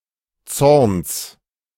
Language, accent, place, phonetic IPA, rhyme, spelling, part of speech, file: German, Germany, Berlin, [t͡sɔʁns], -ɔʁns, Zorns, noun, De-Zorns.ogg
- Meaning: genitive singular of Zorn